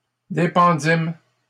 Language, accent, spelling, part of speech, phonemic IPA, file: French, Canada, dépendîmes, verb, /de.pɑ̃.dim/, LL-Q150 (fra)-dépendîmes.wav
- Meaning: first-person plural past historic of dépendre